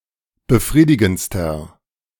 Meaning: inflection of befriedigend: 1. strong/mixed nominative masculine singular superlative degree 2. strong genitive/dative feminine singular superlative degree 3. strong genitive plural superlative degree
- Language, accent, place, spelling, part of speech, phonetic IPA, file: German, Germany, Berlin, befriedigendster, adjective, [bəˈfʁiːdɪɡn̩t͡stɐ], De-befriedigendster.ogg